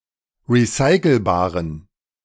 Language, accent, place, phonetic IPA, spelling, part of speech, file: German, Germany, Berlin, [ʁiˈsaɪ̯kl̩baːʁən], recycelbaren, adjective, De-recycelbaren.ogg
- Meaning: inflection of recycelbar: 1. strong genitive masculine/neuter singular 2. weak/mixed genitive/dative all-gender singular 3. strong/weak/mixed accusative masculine singular 4. strong dative plural